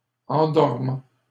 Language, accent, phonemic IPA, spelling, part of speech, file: French, Canada, /ɑ̃.dɔʁ.mɑ̃/, endormant, verb / adjective, LL-Q150 (fra)-endormant.wav
- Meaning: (verb) present participle of endormir; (adjective) boring, dull, soporific